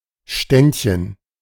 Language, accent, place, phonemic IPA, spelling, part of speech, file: German, Germany, Berlin, /ˈʃtɛntçən/, Ständchen, noun, De-Ständchen.ogg
- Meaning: 1. diminutive of Stand 2. A serenade